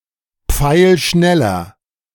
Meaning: inflection of pfeilschnell: 1. strong/mixed nominative masculine singular 2. strong genitive/dative feminine singular 3. strong genitive plural
- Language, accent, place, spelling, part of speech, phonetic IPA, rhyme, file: German, Germany, Berlin, pfeilschneller, adjective, [ˈp͡faɪ̯lˈʃnɛlɐ], -ɛlɐ, De-pfeilschneller.ogg